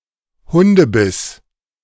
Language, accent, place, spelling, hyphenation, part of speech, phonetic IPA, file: German, Germany, Berlin, Hundebiss, Hun‧de‧biss, noun, [ˈhʊndəˌbɪs], De-Hundebiss.ogg
- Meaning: dog bite